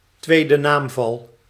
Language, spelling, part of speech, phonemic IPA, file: Dutch, tweede naamval, noun, /ˈtwedəˌnamvɑl/, Nl-tweede naamval.ogg
- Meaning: genitive case